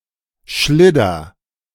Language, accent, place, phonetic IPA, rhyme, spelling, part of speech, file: German, Germany, Berlin, [ˈʃlɪdɐ], -ɪdɐ, schlidder, verb, De-schlidder.ogg
- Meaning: inflection of schliddern: 1. first-person singular present 2. singular imperative